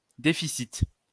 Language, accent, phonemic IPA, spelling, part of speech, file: French, France, /de.fi.sit/, déficit, noun, LL-Q150 (fra)-déficit.wav
- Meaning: 1. deficit 2. shortage (in weight) 3. deficiency